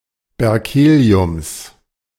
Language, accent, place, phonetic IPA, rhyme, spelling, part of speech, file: German, Germany, Berlin, [bɛʁˈkeːli̯ʊms], -eːli̯ʊms, Berkeliums, noun, De-Berkeliums.ogg
- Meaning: genitive singular of Berkelium